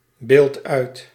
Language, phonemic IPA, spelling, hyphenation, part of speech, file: Dutch, /ˌbeːlt ˈœy̯t/, beeld uit, beeld uit, verb, Nl-beeld uit.ogg
- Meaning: inflection of uitbeelden: 1. first-person singular present indicative 2. second-person singular present indicative 3. imperative